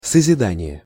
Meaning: creation (act of creation)
- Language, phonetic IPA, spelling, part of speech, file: Russian, [səzʲɪˈdanʲɪje], созидание, noun, Ru-созидание.ogg